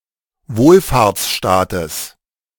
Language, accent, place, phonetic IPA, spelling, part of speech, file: German, Germany, Berlin, [ˈvoːlfaːɐ̯t͡sˌʃtaːtəs], Wohlfahrtsstaates, noun, De-Wohlfahrtsstaates.ogg
- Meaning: genitive singular of Wohlfahrtsstaat